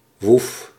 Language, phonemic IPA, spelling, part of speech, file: Dutch, /ʋuf/, woef, interjection, Nl-woef.ogg
- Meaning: woof (sound of a dog barking)